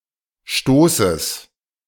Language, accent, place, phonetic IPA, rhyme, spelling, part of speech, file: German, Germany, Berlin, [ˈʃtoːsəs], -oːsəs, Stoßes, noun, De-Stoßes.ogg
- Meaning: genitive singular of Stoß